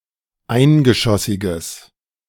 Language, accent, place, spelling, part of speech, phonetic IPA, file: German, Germany, Berlin, eingeschossiges, adjective, [ˈaɪ̯nɡəˌʃɔsɪɡəs], De-eingeschossiges.ogg
- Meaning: strong/mixed nominative/accusative neuter singular of eingeschossig